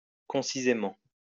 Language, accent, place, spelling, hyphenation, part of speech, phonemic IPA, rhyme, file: French, France, Lyon, concisément, con‧ci‧sé‧ment, adverb, /kɔ̃.si.ze.mɑ̃/, -ɑ̃, LL-Q150 (fra)-concisément.wav
- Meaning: concisely